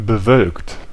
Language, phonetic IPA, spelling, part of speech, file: German, [bəˈvœlkt], bewölkt, verb / adjective, De-bewölkt.ogg
- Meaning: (verb) past participle of bewölken; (adjective) cloudy (covered with or characterised by clouds)